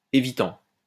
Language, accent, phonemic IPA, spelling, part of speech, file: French, France, /e.vi.tɑ̃/, évitant, verb, LL-Q150 (fra)-évitant.wav
- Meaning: present participle of éviter